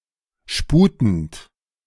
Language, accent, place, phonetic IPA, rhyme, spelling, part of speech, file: German, Germany, Berlin, [ˈʃpuːtn̩t], -uːtn̩t, sputend, verb, De-sputend.ogg
- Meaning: present participle of sputen